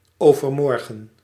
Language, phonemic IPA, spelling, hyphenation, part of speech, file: Dutch, /ˈoː.vərˌmɔr.ɣə(n)/, overmorgen, over‧mor‧gen, adverb, Nl-overmorgen.ogg
- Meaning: overmorrow, the day after tomorrow